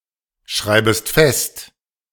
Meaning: second-person singular subjunctive I of festschreiben
- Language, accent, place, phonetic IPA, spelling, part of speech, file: German, Germany, Berlin, [ˌʃʁaɪ̯bəst ˈfɛst], schreibest fest, verb, De-schreibest fest.ogg